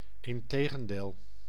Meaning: on the contrary
- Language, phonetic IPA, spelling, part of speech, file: Dutch, [ɪn.ˈteː.ɣə(n).deːl], integendeel, adverb, Nl-integendeel.ogg